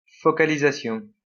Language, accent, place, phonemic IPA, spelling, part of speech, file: French, France, Lyon, /fɔ.ka.li.za.sjɔ̃/, focalisation, noun, LL-Q150 (fra)-focalisation.wav
- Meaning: 1. focalization 2. focusing